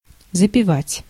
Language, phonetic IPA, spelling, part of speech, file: Russian, [zəpʲɪˈvatʲ], запивать, verb, Ru-запивать.ogg
- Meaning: 1. to wash down (with), to take (after/with) 2. to take to drink, to go on a drinking bout/spree